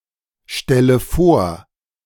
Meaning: inflection of vorstellen: 1. first-person singular present 2. first/third-person singular subjunctive I 3. singular imperative
- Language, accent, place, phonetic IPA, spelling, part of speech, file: German, Germany, Berlin, [ˌʃtɛlə ˈfoːɐ̯], stelle vor, verb, De-stelle vor.ogg